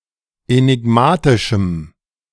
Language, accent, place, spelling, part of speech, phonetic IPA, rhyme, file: German, Germany, Berlin, enigmatischem, adjective, [enɪˈɡmaːtɪʃm̩], -aːtɪʃm̩, De-enigmatischem.ogg
- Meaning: strong dative masculine/neuter singular of enigmatisch